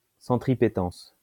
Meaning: centripetence
- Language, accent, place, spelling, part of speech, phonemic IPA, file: French, France, Lyon, centripétence, noun, /sɑ̃.tʁi.pe.tɑ̃s/, LL-Q150 (fra)-centripétence.wav